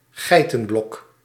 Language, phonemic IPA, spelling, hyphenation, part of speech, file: Dutch, /ˈɣɛi̯.tənˌbɔk/, geitenbok, gei‧ten‧bok, noun, Nl-geitenbok.ogg
- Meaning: male goat, buck